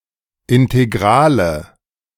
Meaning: nominative/accusative/genitive plural of Integral
- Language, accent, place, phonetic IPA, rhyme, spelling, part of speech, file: German, Germany, Berlin, [ɪnteˈɡʁaːlə], -aːlə, Integrale, noun, De-Integrale.ogg